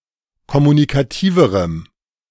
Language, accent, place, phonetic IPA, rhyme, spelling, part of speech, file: German, Germany, Berlin, [kɔmunikaˈtiːvəʁəm], -iːvəʁəm, kommunikativerem, adjective, De-kommunikativerem.ogg
- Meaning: strong dative masculine/neuter singular comparative degree of kommunikativ